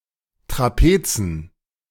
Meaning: dative plural of Trapez
- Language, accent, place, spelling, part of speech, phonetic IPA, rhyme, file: German, Germany, Berlin, Trapezen, noun, [tʁaˈpeːt͡sn̩], -eːt͡sn̩, De-Trapezen.ogg